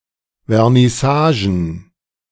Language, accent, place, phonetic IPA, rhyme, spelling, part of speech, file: German, Germany, Berlin, [vɛʁnɪˈsaːʒn̩], -aːʒn̩, Vernissagen, noun, De-Vernissagen.ogg
- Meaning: plural of Vernissage